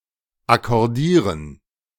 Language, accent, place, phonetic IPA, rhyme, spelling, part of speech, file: German, Germany, Berlin, [akɔʁˈdiːʁən], -iːʁən, akkordieren, verb, De-akkordieren.ogg
- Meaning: 1. to arrange 2. to agree with someone 3. to coordinate with one another